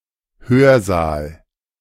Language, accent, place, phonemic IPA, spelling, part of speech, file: German, Germany, Berlin, /ˈhøːɐ̯ˌzaːl/, Hörsaal, noun, De-Hörsaal.ogg
- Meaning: lecture theatre, lecture auditorium, lecture hall, lecture room